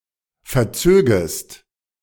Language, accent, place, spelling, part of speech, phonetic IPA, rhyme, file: German, Germany, Berlin, verzögest, verb, [fɛɐ̯ˈt͡søːɡəst], -øːɡəst, De-verzögest.ogg
- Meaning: second-person singular subjunctive II of verziehen